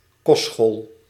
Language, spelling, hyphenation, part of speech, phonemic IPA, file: Dutch, kostschool, kost‧school, noun, /ˈkɔst.sxoːl/, Nl-kostschool.ogg
- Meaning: boarding school, where pupils get lessons, lodgings and meals